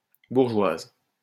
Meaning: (noun) female equivalent of bourgeois; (adjective) feminine singular of bourgeois
- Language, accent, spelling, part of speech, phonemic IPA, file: French, France, bourgeoise, noun / adjective, /buʁ.ʒwaz/, LL-Q150 (fra)-bourgeoise.wav